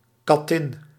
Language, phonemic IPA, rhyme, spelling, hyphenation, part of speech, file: Dutch, /kɑˈtɪn/, -ɪn, kattin, kat‧tin, noun, Nl-kattin.ogg
- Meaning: female cat